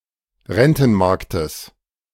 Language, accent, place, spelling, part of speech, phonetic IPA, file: German, Germany, Berlin, Rentenmarktes, noun, [ˈʁɛntn̩ˌmaʁktəs], De-Rentenmarktes.ogg
- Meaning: genitive singular of Rentenmarkt